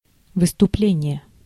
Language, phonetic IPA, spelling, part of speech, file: Russian, [vɨstʊˈplʲenʲɪje], выступление, noun, Ru-выступление.ogg
- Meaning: 1. appearance, speech, address 2. performance 3. departure